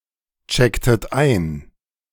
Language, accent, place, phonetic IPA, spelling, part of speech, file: German, Germany, Berlin, [ˌt͡ʃɛktət ˈaɪ̯n], checktet ein, verb, De-checktet ein.ogg
- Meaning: inflection of einchecken: 1. second-person plural preterite 2. second-person plural subjunctive II